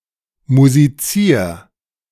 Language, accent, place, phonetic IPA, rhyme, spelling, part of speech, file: German, Germany, Berlin, [muziˈt͡siːɐ̯], -iːɐ̯, musizier, verb, De-musizier.ogg
- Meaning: 1. singular imperative of musizieren 2. first-person singular present of musizieren